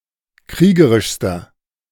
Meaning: inflection of kriegerisch: 1. strong/mixed nominative masculine singular superlative degree 2. strong genitive/dative feminine singular superlative degree 3. strong genitive plural superlative degree
- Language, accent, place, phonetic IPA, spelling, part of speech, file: German, Germany, Berlin, [ˈkʁiːɡəʁɪʃstɐ], kriegerischster, adjective, De-kriegerischster.ogg